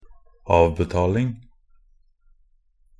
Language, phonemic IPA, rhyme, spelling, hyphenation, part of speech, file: Norwegian Bokmål, /ˈɑːʋbɛtɑːlɪŋ/, -ɪŋ, avbetaling, av‧be‧tal‧ing, noun, Nb-avbetaling.ogg
- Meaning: the act of paying off debts or installments